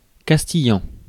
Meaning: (noun) Castilian (language); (adjective) Castilian
- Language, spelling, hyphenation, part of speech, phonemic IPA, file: French, castillan, cas‧ti‧llan, noun / adjective, /kas.ti.jɑ̃/, Fr-castillan.ogg